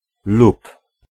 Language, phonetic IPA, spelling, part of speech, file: Polish, [lup], lub, conjunction / verb, Pl-lub.ogg